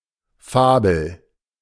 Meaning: 1. fable 2. fantasy
- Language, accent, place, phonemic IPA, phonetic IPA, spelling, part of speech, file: German, Germany, Berlin, /ˈfaːbəl/, [ˈfaː.bl̩], Fabel, noun, De-Fabel.ogg